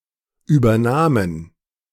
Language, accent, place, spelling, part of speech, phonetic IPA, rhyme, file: German, Germany, Berlin, übernahmen, verb, [ˌʔyːbɐˈnaːmən], -aːmən, De-übernahmen.ogg
- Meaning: first/third-person plural preterite of übernehmen